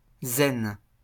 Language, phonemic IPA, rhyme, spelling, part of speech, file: French, /zɛn/, -ɛn, zen, noun / adjective, LL-Q150 (fra)-zen.wav
- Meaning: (noun) zen; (adjective) extremely relaxed and collected